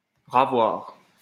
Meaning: to have once again, to re-acquire
- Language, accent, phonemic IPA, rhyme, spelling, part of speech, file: French, France, /ʁa.vwaʁ/, -aʁ, ravoir, verb, LL-Q150 (fra)-ravoir.wav